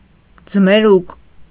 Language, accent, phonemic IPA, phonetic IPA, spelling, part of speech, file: Armenian, Eastern Armenian, /d͡zəmeˈɾuk/, [d͡zəmeɾúk], ձմերուկ, noun, Hy-ձմերուկ.ogg
- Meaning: watermelon, Citrullus lanatus (plant and fruit)